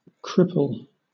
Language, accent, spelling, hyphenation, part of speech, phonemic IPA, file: English, Southern England, cripple, crip‧ple, adjective / noun / verb, /ˈkɹɪp(ə)l/, LL-Q1860 (eng)-cripple.wav
- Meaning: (adjective) Crippled; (noun) A person who has severely impaired physical abilities because of deformation, injury, or amputation of parts of the body